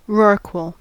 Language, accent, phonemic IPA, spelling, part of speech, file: English, US, /ˈɹɔɹkwəl/, rorqual, noun, En-us-rorqual.ogg
- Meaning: Any whale of family Balaenopteridae, with longitudinal skin folds running from below the mouth to the navel, allowing the capacity of the mouth to expand greatly when feeding